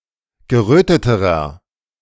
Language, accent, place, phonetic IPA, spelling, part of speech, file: German, Germany, Berlin, [ɡəˈʁøːtətəʁɐ], geröteterer, adjective, De-geröteterer.ogg
- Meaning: inflection of gerötet: 1. strong/mixed nominative masculine singular comparative degree 2. strong genitive/dative feminine singular comparative degree 3. strong genitive plural comparative degree